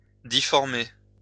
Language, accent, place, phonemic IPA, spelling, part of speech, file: French, France, Lyon, /di.fɔʁ.me/, difformer, verb, LL-Q150 (fra)-difformer.wav
- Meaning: "to deform, to spoil; to deface (coins, money)"